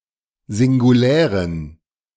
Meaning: inflection of singulär: 1. strong genitive masculine/neuter singular 2. weak/mixed genitive/dative all-gender singular 3. strong/weak/mixed accusative masculine singular 4. strong dative plural
- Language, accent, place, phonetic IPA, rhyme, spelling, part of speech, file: German, Germany, Berlin, [zɪŋɡuˈlɛːʁən], -ɛːʁən, singulären, adjective, De-singulären.ogg